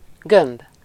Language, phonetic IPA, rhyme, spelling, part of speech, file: Hungarian, [ˈɡømb], -ømb, gömb, noun, Hu-gömb.ogg
- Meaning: sphere